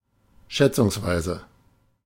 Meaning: approximately, roughly
- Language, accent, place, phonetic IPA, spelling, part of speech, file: German, Germany, Berlin, [ˈʃɛt͡sʊŋsˌvaɪ̯zə], schätzungsweise, adverb, De-schätzungsweise.ogg